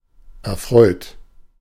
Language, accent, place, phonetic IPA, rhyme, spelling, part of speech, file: German, Germany, Berlin, [ɛɐ̯ˈfʁɔɪ̯t], -ɔɪ̯t, erfreut, adjective / verb, De-erfreut.ogg
- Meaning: 1. past participle of erfreuen 2. inflection of erfreuen: third-person singular present 3. inflection of erfreuen: second-person plural present 4. inflection of erfreuen: plural imperative